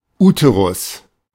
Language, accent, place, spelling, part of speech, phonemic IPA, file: German, Germany, Berlin, Uterus, noun, /ˈuːtəʁʊs/, De-Uterus.ogg
- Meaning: uterus